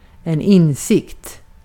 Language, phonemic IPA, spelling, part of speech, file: Swedish, /²ɪnsɪkt/, insikt, noun, Sv-insikt.ogg
- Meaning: 1. knowledge (solid, deep) 2. insight, understanding (of something) (less solid knowledge) 3. nominalization of inse: realization